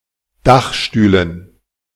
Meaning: dative plural of Dachstuhl
- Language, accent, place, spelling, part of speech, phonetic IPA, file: German, Germany, Berlin, Dachstühlen, noun, [ˈdaxˌʃtyːlən], De-Dachstühlen.ogg